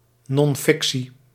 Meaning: nonfiction
- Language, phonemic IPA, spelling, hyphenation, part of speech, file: Dutch, /ˌnɔnˈfɪk.si/, non-fictie, non-fic‧tie, noun, Nl-non-fictie.ogg